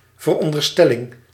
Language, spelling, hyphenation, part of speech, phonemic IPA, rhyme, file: Dutch, veronderstelling, ver‧on‧der‧stel‧ling, noun, /vərˌɔn.dərˈstɛ.lɪŋ/, -ɛlɪŋ, Nl-veronderstelling.ogg
- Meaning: supposition, assumption